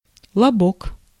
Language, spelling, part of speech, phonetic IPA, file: Russian, лобок, noun, [ɫɐˈbok], Ru-лобок.ogg
- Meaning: mons pubis